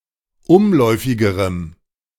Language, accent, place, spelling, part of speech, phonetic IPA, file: German, Germany, Berlin, umläufigerem, adjective, [ˈʊmˌlɔɪ̯fɪɡəʁəm], De-umläufigerem.ogg
- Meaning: strong dative masculine/neuter singular comparative degree of umläufig